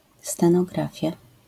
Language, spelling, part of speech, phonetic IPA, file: Polish, stenografia, noun, [ˌstɛ̃nɔˈɡrafʲja], LL-Q809 (pol)-stenografia.wav